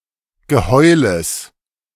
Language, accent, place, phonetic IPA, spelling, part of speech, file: German, Germany, Berlin, [ɡəˈhɔɪ̯ləs], Geheules, noun, De-Geheules.ogg
- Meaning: genitive singular of Geheul